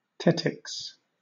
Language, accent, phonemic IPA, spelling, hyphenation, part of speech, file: English, Southern England, /ˈtɛtɪks/, tettix, tet‧tix, noun, LL-Q1860 (eng)-tettix.wav
- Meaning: A cicada, especially in Greece